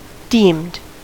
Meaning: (verb) simple past and past participle of deem; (adjective) An accreditation awarded to higher educational institutions in India
- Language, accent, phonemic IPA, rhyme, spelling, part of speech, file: English, US, /diːmd/, -iːmd, deemed, verb / adjective, En-us-deemed.ogg